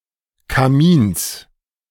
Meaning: genitive singular of Kamin
- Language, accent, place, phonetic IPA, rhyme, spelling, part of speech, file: German, Germany, Berlin, [kaˈmiːns], -iːns, Kamins, noun, De-Kamins.ogg